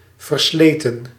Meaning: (adjective) worn out, trite; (verb) 1. inflection of verslijten: plural past indicative 2. inflection of verslijten: plural past subjunctive 3. past participle of verslijten
- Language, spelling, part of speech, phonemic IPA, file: Dutch, versleten, verb / adjective, /vərˈsletə(n)/, Nl-versleten.ogg